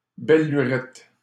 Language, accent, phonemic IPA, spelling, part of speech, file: French, Canada, /bɛl ly.ʁɛt/, belle lurette, noun, LL-Q150 (fra)-belle lurette.wav
- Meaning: a long time; ages